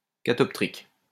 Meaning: catoptric
- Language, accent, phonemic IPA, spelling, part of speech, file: French, France, /ka.tɔp.tʁik/, catoptrique, adjective, LL-Q150 (fra)-catoptrique.wav